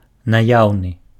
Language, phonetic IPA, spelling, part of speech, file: Belarusian, [naˈjau̯nɨ], наяўны, adjective, Be-наяўны.ogg
- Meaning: available